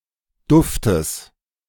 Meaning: genitive singular of Duft
- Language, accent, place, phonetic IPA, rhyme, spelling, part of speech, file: German, Germany, Berlin, [ˈdʊftəs], -ʊftəs, Duftes, noun, De-Duftes.ogg